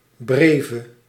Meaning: breve
- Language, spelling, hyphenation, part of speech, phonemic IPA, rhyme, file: Dutch, breve, bre‧ve, noun, /ˈbreː.və/, -eːvə, Nl-breve.ogg